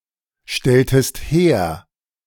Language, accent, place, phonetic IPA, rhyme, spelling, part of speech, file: German, Germany, Berlin, [ˌʃtɛltəst ˈheːɐ̯], -eːɐ̯, stelltest her, verb, De-stelltest her.ogg
- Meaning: inflection of herstellen: 1. second-person singular preterite 2. second-person singular subjunctive II